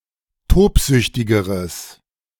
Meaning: strong/mixed nominative/accusative neuter singular comparative degree of tobsüchtig
- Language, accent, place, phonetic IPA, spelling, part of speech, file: German, Germany, Berlin, [ˈtoːpˌzʏçtɪɡəʁəs], tobsüchtigeres, adjective, De-tobsüchtigeres.ogg